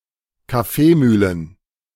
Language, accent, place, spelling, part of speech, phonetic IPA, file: German, Germany, Berlin, Kaffeemühlen, noun, [kaˈfeːˌmyːlən], De-Kaffeemühlen.ogg
- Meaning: plural of Kaffeemühle